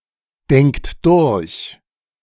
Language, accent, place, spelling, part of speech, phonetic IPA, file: German, Germany, Berlin, denkt durch, verb, [ˌdɛŋkt ˈdʊʁç], De-denkt durch.ogg
- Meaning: inflection of durchdenken: 1. third-person singular present 2. second-person plural present 3. plural imperative